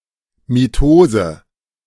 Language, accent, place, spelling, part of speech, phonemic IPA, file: German, Germany, Berlin, Mitose, noun, /miˈtoːzə/, De-Mitose.ogg
- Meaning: mitosis (division of a cell nucleus)